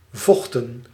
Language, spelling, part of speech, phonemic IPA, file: Dutch, vochten, verb, /ˈvɔxtə(n)/, Nl-vochten.ogg
- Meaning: 1. synonym of bevochtigen 2. inflection of vechten: plural past indicative 3. inflection of vechten: plural past subjunctive